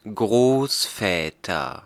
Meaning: nominative/accusative/genitive plural of Großvater
- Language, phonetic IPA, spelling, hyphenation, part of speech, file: German, [ˈɡʁoːsˌfɛːtɐ], Großväter, Groß‧vä‧ter, noun, De-Großväter.ogg